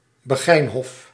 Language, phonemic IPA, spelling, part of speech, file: Dutch, /bəˈɣɛinhɔf/, begijnhof, noun, Nl-begijnhof.ogg
- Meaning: beguinage